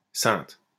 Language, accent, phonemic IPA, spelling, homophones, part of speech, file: French, France, /sɛ̃t/, sainte, ceinte / ceintes / Cynthe / saintes / Saintes, noun / adjective, LL-Q150 (fra)-sainte.wav
- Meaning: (noun) saintess; female equivalent of saint; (adjective) feminine singular of saint